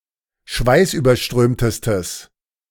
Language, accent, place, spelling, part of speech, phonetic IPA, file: German, Germany, Berlin, schweißüberströmtestes, adjective, [ˈʃvaɪ̯sʔyːbɐˌʃtʁøːmtəstəs], De-schweißüberströmtestes.ogg
- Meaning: strong/mixed nominative/accusative neuter singular superlative degree of schweißüberströmt